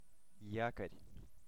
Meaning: 1. anchor 2. armature core, armature 3. reed
- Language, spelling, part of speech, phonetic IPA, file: Russian, якорь, noun, [ˈjakərʲ], Ru-якорь.ogg